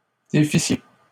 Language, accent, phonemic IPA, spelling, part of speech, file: French, Canada, /de.fi.sje/, défissiez, verb, LL-Q150 (fra)-défissiez.wav
- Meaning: second-person plural imperfect subjunctive of défaire